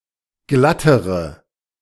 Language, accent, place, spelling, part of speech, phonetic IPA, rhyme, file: German, Germany, Berlin, glattere, adjective, [ˈɡlatəʁə], -atəʁə, De-glattere.ogg
- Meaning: inflection of glatt: 1. strong/mixed nominative/accusative feminine singular comparative degree 2. strong nominative/accusative plural comparative degree